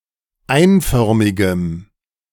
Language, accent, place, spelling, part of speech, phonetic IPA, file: German, Germany, Berlin, einförmigem, adjective, [ˈaɪ̯nˌfœʁmɪɡəm], De-einförmigem.ogg
- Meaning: strong dative masculine/neuter singular of einförmig